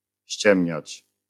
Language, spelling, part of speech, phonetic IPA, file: Polish, ściemniać, verb, [ˈɕt͡ɕɛ̃mʲɲät͡ɕ], LL-Q809 (pol)-ściemniać.wav